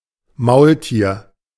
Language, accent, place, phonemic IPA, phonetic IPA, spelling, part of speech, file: German, Germany, Berlin, /ˈmaʊ̯ltiːr/, [ˈmaʊ̯lˌti(ː)ɐ̯], Maultier, noun, De-Maultier.ogg
- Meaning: 1. mule (offspring of a male donkey and female horse) 2. mule (hybrid offspring of a donkey and a horse regardless of their genders)